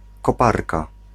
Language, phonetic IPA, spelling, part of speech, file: Polish, [kɔˈparka], koparka, noun, Pl-koparka.ogg